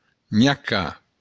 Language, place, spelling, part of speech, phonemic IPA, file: Occitan, Béarn, nhacar, verb, /ɲaˈka/, LL-Q14185 (oci)-nhacar.wav
- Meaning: to bite